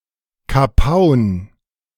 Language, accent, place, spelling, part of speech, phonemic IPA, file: German, Germany, Berlin, Kapaun, noun, /kaˈpaʊ̯n/, De-Kapaun.ogg
- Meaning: capon (a cockerel which has been gelded and fattened for the table)